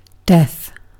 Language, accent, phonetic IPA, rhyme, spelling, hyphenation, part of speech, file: English, UK, [dɛθ], -ɛθ, death, death, noun, En-uk-death.ogg
- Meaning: The cessation of life and all associated processes; the end of an organism's existence as an entity independent from its environment and its return to an inert, non-living state